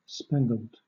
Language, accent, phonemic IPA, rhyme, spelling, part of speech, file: English, Southern England, /ˈspæŋ.ɡəld/, -æŋɡəld, spangled, verb / adjective, LL-Q1860 (eng)-spangled.wav
- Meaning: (verb) simple past and past participle of spangle; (adjective) 1. Having spangles 2. drunk or high